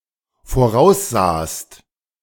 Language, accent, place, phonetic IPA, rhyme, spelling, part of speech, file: German, Germany, Berlin, [foˈʁaʊ̯sˌzaːst], -aʊ̯szaːst, voraussahst, verb, De-voraussahst.ogg
- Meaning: second-person singular dependent preterite of voraussehen